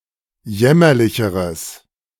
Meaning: strong/mixed nominative/accusative neuter singular comparative degree of jämmerlich
- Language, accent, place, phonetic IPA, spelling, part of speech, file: German, Germany, Berlin, [ˈjɛmɐlɪçəʁəs], jämmerlicheres, adjective, De-jämmerlicheres.ogg